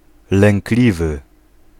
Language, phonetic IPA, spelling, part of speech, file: Polish, [lɛ̃ŋkˈlʲivɨ], lękliwy, adjective, Pl-lękliwy.ogg